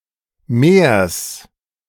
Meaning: genitive singular of Meer
- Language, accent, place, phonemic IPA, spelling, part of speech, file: German, Germany, Berlin, /meːɐ̯s/, Meers, noun, De-Meers.ogg